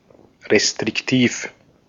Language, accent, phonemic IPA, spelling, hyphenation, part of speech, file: German, Austria, /ʁestʁɪkˈtiːf/, restriktiv, re‧strik‧tiv, adjective, De-at-restriktiv.ogg
- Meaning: restrictive